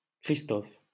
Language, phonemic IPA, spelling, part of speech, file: French, /kʁis.tɔf/, Christophe, proper noun, LL-Q150 (fra)-Christophe.wav
- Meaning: a male given name, equivalent to English Christopher